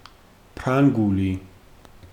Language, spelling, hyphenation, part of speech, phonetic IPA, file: Georgian, ფრანგული, ფრან‧გუ‧ლი, adjective / proper noun, [pʰɾäŋɡuli], Ka-ფრანგული.ogg
- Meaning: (adjective) French (of, from or relating to France); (proper noun) French (language)